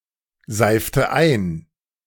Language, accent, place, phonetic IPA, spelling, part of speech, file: German, Germany, Berlin, [ˈzaɪ̯ftə ˈʔaɪ̯n], seifte ein, verb, De-seifte ein.ogg
- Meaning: inflection of einseifen: 1. first/third-person singular preterite 2. first/third-person singular subjunctive II